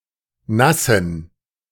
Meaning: inflection of nass: 1. strong genitive masculine/neuter singular 2. weak/mixed genitive/dative all-gender singular 3. strong/weak/mixed accusative masculine singular 4. strong dative plural
- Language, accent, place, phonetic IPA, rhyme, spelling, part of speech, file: German, Germany, Berlin, [ˈnasn̩], -asn̩, nassen, adjective, De-nassen.ogg